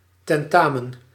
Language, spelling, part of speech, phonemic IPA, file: Dutch, tentamen, noun, /tɛnˈtamə(n)/, Nl-tentamen.ogg
- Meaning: an examination (especially in higher education)